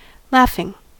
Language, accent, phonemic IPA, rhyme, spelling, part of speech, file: English, US, /ˈlɑːfɪŋ/, -ɑːfɪŋ, laughing, noun / verb / adjective, En-us-laughing.ogg
- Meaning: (noun) verbal noun of laugh: the action of the verb to laugh; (verb) present participle and gerund of laugh; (adjective) verbal adjective of laugh: the action of the verb to laugh